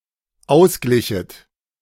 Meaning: second-person plural dependent subjunctive II of ausgleichen
- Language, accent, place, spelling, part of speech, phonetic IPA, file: German, Germany, Berlin, ausglichet, verb, [ˈaʊ̯sˌɡlɪçət], De-ausglichet.ogg